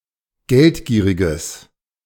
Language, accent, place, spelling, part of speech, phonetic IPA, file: German, Germany, Berlin, geldgieriges, adjective, [ˈɡɛltˌɡiːʁɪɡəs], De-geldgieriges.ogg
- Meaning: strong/mixed nominative/accusative neuter singular of geldgierig